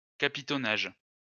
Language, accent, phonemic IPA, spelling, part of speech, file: French, France, /ka.pi.tɔ.naʒ/, capitonnage, noun, LL-Q150 (fra)-capitonnage.wav
- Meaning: 1. padding 2. upholstery